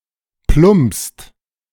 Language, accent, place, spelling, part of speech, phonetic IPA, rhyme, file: German, Germany, Berlin, plumpst, verb, [plʊmpst], -ʊmpst, De-plumpst.ogg
- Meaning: inflection of plumpsen: 1. second-person singular/plural present 2. third-person singular present 3. plural imperative